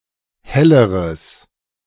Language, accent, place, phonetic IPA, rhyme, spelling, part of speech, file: German, Germany, Berlin, [ˈhɛləʁəs], -ɛləʁəs, helleres, adjective, De-helleres.ogg
- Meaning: strong/mixed nominative/accusative neuter singular comparative degree of helle